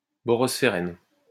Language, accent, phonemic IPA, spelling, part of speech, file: French, France, /bɔ.ʁɔs.fe.ʁɛn/, borosphérène, noun, LL-Q150 (fra)-borosphérène.wav
- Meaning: borospherene